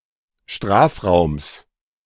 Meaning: genitive singular of Strafraum
- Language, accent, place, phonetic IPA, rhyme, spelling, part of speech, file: German, Germany, Berlin, [ˈʃtʁaːfˌʁaʊ̯ms], -aːfʁaʊ̯ms, Strafraums, noun, De-Strafraums.ogg